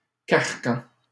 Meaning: 1. yoke, shackles 2. straitjacket
- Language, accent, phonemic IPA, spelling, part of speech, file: French, Canada, /kaʁ.kɑ̃/, carcan, noun, LL-Q150 (fra)-carcan.wav